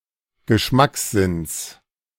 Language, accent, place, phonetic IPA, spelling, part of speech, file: German, Germany, Berlin, [ɡəˈʃmaksˌzɪns], Geschmackssinns, noun, De-Geschmackssinns.ogg
- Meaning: genitive singular of Geschmackssinn